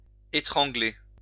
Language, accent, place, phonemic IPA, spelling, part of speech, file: French, France, Lyon, /e.tʁɑ̃.ɡle/, étrangler, verb, LL-Q150 (fra)-étrangler.wav
- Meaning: 1. to strangle 2. to choke (with laughter, etc.) 3. to say in a voice strangled by emotion